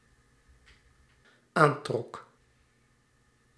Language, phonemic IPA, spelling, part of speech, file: Dutch, /ˈantrɔk/, aantrok, verb, Nl-aantrok.ogg
- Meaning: singular dependent-clause past indicative of aantrekken